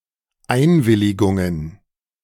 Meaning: plural of Einwilligung
- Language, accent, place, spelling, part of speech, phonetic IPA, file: German, Germany, Berlin, Einwilligungen, noun, [ˈaɪ̯nvɪlɪɡʊŋən], De-Einwilligungen.ogg